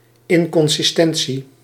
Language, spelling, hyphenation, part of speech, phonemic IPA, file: Dutch, inconsistentie, in‧con‧sis‧ten‧tie, noun, /ˌɪŋkɔnsɪsˈtɛn(t)si/, Nl-inconsistentie.ogg
- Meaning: inconsistency